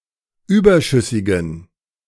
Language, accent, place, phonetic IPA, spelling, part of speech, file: German, Germany, Berlin, [ˈyːbɐˌʃʏsɪɡn̩], überschüssigen, adjective, De-überschüssigen.ogg
- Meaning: inflection of überschüssig: 1. strong genitive masculine/neuter singular 2. weak/mixed genitive/dative all-gender singular 3. strong/weak/mixed accusative masculine singular 4. strong dative plural